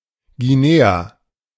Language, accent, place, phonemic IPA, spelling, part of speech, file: German, Germany, Berlin, /ɡiˈneːa/, Guinea, proper noun, De-Guinea.ogg
- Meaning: Guinea (a country in West Africa)